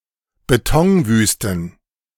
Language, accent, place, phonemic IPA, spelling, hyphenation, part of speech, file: German, Germany, Berlin, /beˈtɔŋˌvyːstn̩/, Betonwüsten, Be‧ton‧wüs‧ten, noun, De-Betonwüsten.ogg
- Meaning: plural of Betonwüste